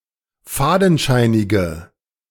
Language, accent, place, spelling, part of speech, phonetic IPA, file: German, Germany, Berlin, fadenscheinige, adjective, [ˈfaːdn̩ˌʃaɪ̯nɪɡə], De-fadenscheinige.ogg
- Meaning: inflection of fadenscheinig: 1. strong/mixed nominative/accusative feminine singular 2. strong nominative/accusative plural 3. weak nominative all-gender singular